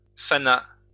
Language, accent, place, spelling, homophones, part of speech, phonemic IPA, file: French, France, Lyon, fana, fanas / fanât, verb, /fa.na/, LL-Q150 (fra)-fana.wav
- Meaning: third-person singular past historic of faner